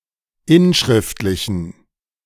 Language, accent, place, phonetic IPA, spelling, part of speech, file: German, Germany, Berlin, [ˈɪnˌʃʁɪftlɪçn̩], inschriftlichen, adjective, De-inschriftlichen.ogg
- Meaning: inflection of inschriftlich: 1. strong genitive masculine/neuter singular 2. weak/mixed genitive/dative all-gender singular 3. strong/weak/mixed accusative masculine singular 4. strong dative plural